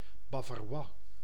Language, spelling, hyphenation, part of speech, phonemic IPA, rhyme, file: Dutch, bavarois, ba‧va‧rois, noun, /ˌbaː.vaːˈrʋaː/, -aː, Nl-bavarois.ogg
- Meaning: bavarois